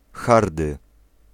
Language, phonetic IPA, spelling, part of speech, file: Polish, [ˈxardɨ], hardy, adjective, Pl-hardy.ogg